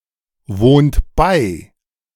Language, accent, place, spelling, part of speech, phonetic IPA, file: German, Germany, Berlin, wohnt bei, verb, [ˌvoːnt ˈbaɪ̯], De-wohnt bei.ogg
- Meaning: inflection of beiwohnen: 1. second-person plural present 2. third-person singular present 3. plural imperative